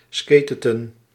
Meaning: inflection of skaten: 1. plural past indicative 2. plural past subjunctive
- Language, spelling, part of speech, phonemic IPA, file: Dutch, skateten, verb, /ˈskeːtə(n)/, Nl-skateten.ogg